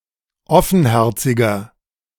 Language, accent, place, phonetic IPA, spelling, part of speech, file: German, Germany, Berlin, [ˈɔfn̩ˌhɛʁt͡sɪɡɐ], offenherziger, adjective, De-offenherziger.ogg
- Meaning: 1. comparative degree of offenherzig 2. inflection of offenherzig: strong/mixed nominative masculine singular 3. inflection of offenherzig: strong genitive/dative feminine singular